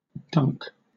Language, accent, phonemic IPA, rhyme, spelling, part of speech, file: English, Southern England, /dʌŋk/, -ʌŋk, dunk, verb / noun, LL-Q1860 (eng)-dunk.wav
- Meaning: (verb) 1. To submerge briefly in a liquid 2. To set down carelessly 3. To put the ball directly downward through the hoop while grabbing onto the rim with power